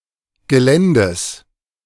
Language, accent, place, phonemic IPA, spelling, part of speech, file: German, Germany, Berlin, /ɡəˈlɛndəs/, Geländes, noun, De-Geländes.ogg
- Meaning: genitive singular of Gelände